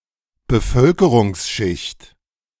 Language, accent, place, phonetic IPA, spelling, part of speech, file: German, Germany, Berlin, [bəˈfœlkəʁʊŋsˌʃɪçt], Bevölkerungsschicht, noun, De-Bevölkerungsschicht.ogg
- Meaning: social stratum